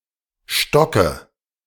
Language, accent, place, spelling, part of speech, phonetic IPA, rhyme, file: German, Germany, Berlin, stocke, verb, [ˈʃtɔkə], -ɔkə, De-stocke.ogg
- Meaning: inflection of stocken: 1. first-person singular present 2. first/third-person singular subjunctive I 3. singular imperative